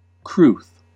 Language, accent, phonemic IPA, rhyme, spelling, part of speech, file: English, US, /kɹuθ/, -uːθ, crwth, noun, En-us-crwth.ogg